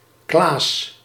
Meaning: a male given name
- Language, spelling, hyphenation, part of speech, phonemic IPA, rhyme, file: Dutch, Klaas, Klaas, proper noun, /klaːs/, -aːs, Nl-Klaas.ogg